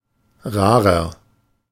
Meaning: 1. comparative degree of rar 2. inflection of rar: strong/mixed nominative masculine singular 3. inflection of rar: strong genitive/dative feminine singular
- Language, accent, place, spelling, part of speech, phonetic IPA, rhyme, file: German, Germany, Berlin, rarer, adjective, [ˈʁaːʁɐ], -aːʁɐ, De-rarer.ogg